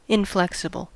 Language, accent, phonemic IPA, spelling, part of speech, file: English, US, /ɪnˈflɛksəbl̩/, inflexible, adjective, En-us-inflexible.ogg
- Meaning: 1. Not flexible; not capable of bending or being bent 2. Not willing to change, e.g. one's opinion or habits 3. Not able to be changed or adapted to circumstances